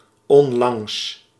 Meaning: recently
- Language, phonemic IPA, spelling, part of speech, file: Dutch, /ɔnlaŋs/, onlangs, adverb, Nl-onlangs.ogg